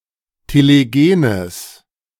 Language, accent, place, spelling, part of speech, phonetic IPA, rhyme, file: German, Germany, Berlin, telegenes, adjective, [teleˈɡeːnəs], -eːnəs, De-telegenes.ogg
- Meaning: strong/mixed nominative/accusative neuter singular of telegen